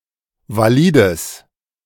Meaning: strong/mixed nominative/accusative neuter singular of valid
- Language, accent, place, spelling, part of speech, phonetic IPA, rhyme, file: German, Germany, Berlin, valides, adjective, [vaˈliːdəs], -iːdəs, De-valides.ogg